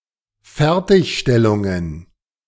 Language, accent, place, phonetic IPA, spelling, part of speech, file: German, Germany, Berlin, [ˈfɛʁtɪçʃtɛlʊŋən], Fertigstellungen, noun, De-Fertigstellungen.ogg
- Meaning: plural of Fertigstellung